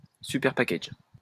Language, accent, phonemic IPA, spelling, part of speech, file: French, France, /sy.pɛʁ.pa.kaʒ/, superpackage, noun, LL-Q150 (fra)-superpackage.wav
- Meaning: superpackage